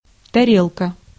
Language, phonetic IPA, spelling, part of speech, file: Russian, [tɐˈrʲeɫkə], тарелка, noun, Ru-тарелка.ogg
- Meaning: 1. plate (a serving dish) 2. cymbals 3. plate, disc